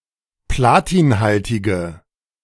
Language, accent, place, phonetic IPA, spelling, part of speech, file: German, Germany, Berlin, [ˈplaːtiːnˌhaltɪɡə], platinhaltige, adjective, De-platinhaltige.ogg
- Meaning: inflection of platinhaltig: 1. strong/mixed nominative/accusative feminine singular 2. strong nominative/accusative plural 3. weak nominative all-gender singular